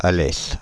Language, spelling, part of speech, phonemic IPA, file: French, Alès, proper noun, /a.lɛs/, Fr-Alès.ogg
- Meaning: Alès (a town and commune of Gard department, Occitania, France)